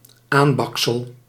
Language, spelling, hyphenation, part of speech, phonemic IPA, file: Dutch, aanbaksel, aan‧bak‧sel, noun, /ˈaːnˌbɑk.səl/, Nl-aanbaksel.ogg
- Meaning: something that has been burnt while cooking or baking